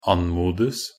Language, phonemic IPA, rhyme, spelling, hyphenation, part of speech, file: Norwegian Bokmål, /ˈan.muːdəs/, -əs, anmodes, an‧mod‧es, verb, Nb-anmodes.ogg
- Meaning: passive of anmode